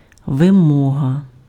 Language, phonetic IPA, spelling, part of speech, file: Ukrainian, [ʋeˈmɔɦɐ], вимога, noun, Uk-вимога.ogg
- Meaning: requirement, demand